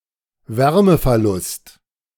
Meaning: heat loss
- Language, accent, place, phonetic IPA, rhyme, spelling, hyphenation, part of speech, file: German, Germany, Berlin, [ˈvɛʁməfɛɐ̯ˌlʊst], -ʊst, Wärmeverlust, Wär‧me‧ver‧lust, noun, De-Wärmeverlust.ogg